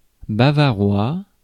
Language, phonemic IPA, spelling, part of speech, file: French, /ba.va.ʁwa/, bavarois, adjective / noun, Fr-bavarois.ogg
- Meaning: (adjective) Bavarian (of, from or relating to the state of Bavaria, Germany); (noun) 1. bavarois (dessert) 2. Bavarian (dialect)